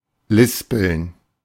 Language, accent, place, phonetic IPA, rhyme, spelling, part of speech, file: German, Germany, Berlin, [ˈlɪspl̩n], -ɪspl̩n, lispeln, verb, De-lispeln.ogg
- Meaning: to lisp